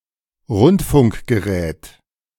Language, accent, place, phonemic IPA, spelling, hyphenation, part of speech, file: German, Germany, Berlin, /ˈʁʊntfʊŋkɡəˌʁɛːt/, Rundfunkgerät, Rund‧funk‧ge‧rät, noun, De-Rundfunkgerät.ogg
- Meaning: radio, radio set